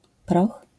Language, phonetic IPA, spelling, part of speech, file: Polish, [prɔx], proch, noun, LL-Q809 (pol)-proch.wav